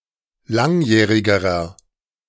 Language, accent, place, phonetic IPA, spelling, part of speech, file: German, Germany, Berlin, [ˈlaŋˌjɛːʁɪɡəʁɐ], langjährigerer, adjective, De-langjährigerer.ogg
- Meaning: inflection of langjährig: 1. strong/mixed nominative masculine singular comparative degree 2. strong genitive/dative feminine singular comparative degree 3. strong genitive plural comparative degree